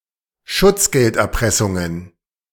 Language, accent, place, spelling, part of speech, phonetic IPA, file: German, Germany, Berlin, Schutzgelderpressungen, noun, [ˈʃʊt͡sɡɛltʔɛʁˌpʁɛsʊŋən], De-Schutzgelderpressungen.ogg
- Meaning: plural of Schutzgelderpressung